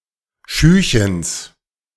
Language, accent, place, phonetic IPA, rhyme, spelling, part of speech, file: German, Germany, Berlin, [ˈʃyːçəns], -yːçəns, Schühchens, noun, De-Schühchens.ogg
- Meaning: genitive singular of Schühchen